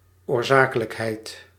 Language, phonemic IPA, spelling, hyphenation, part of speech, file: Dutch, /ˌoːrˈzaː.kə.lək.ɦɛi̯t/, oorzakelijkheid, oor‧za‧ke‧lijk‧heid, noun, Nl-oorzakelijkheid.ogg
- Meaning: causality